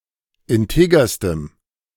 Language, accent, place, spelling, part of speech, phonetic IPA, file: German, Germany, Berlin, integerstem, adjective, [ɪnˈteːɡɐstəm], De-integerstem.ogg
- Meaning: strong dative masculine/neuter singular superlative degree of integer